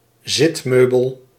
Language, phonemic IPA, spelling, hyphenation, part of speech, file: Dutch, /ˈzɪtˌmøː.bəl/, zitmeubel, zit‧meu‧bel, noun, Nl-zitmeubel.ogg
- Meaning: piece of furniture used for sitting; seat